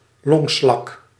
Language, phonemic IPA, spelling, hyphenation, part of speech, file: Dutch, /ˈlɔŋ.slɑk/, longslak, long‧slak, noun, Nl-longslak.ogg
- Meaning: snail or slug of the taxon Pulmonata